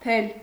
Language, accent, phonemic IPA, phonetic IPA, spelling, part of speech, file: Armenian, Eastern Armenian, /tʰel/, [tʰel], թել, noun, Hy-թել.ogg
- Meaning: thread